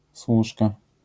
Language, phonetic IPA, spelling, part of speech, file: Polish, [ˈswuʃka], służka, noun, LL-Q809 (pol)-służka.wav